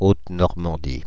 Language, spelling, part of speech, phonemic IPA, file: French, Haute-Normandie, proper noun, /ot.nɔʁ.mɑ̃.di/, Fr-Haute-Normandie.ogg
- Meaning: Upper Normandy (a former administrative region of France; now part of the administrative region of Normandy)